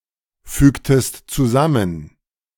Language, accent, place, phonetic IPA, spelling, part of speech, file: German, Germany, Berlin, [ˌfyːktəst t͡suˈzamən], fügtest zusammen, verb, De-fügtest zusammen.ogg
- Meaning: inflection of zusammenfügen: 1. second-person singular preterite 2. second-person singular subjunctive II